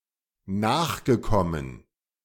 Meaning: past participle of nachkommen
- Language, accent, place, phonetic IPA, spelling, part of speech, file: German, Germany, Berlin, [ˈnaːxɡəˌkɔmən], nachgekommen, verb, De-nachgekommen.ogg